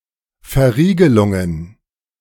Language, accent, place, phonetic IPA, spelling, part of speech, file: German, Germany, Berlin, [fɛɐ̯ˈ.ʁiː.ɡə.lʊŋ.ən], Verriegelungen, noun, De-Verriegelungen.ogg
- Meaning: plural of Verriegelung